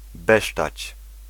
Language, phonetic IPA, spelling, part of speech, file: Polish, [ˈbɛʃtat͡ɕ], besztać, verb, Pl-besztać.ogg